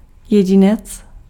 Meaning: individual
- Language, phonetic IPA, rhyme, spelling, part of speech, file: Czech, [ˈjɛɟɪnɛt͡s], -ɪnɛts, jedinec, noun, Cs-jedinec.ogg